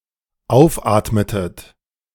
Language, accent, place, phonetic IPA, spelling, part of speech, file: German, Germany, Berlin, [ˈaʊ̯fˌʔaːtmətət], aufatmetet, verb, De-aufatmetet.ogg
- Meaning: inflection of aufatmen: 1. second-person plural dependent preterite 2. second-person plural dependent subjunctive II